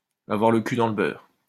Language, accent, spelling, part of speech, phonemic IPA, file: French, France, avoir le cul dans le beurre, verb, /a.vwaʁ lə ky dɑ̃ l(ə) bœʁ/, LL-Q150 (fra)-avoir le cul dans le beurre.wav
- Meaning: to have it easy, to be rolling in money, to be rolling in it (to be extremely well-off financially thanks to one's birth in a rich family)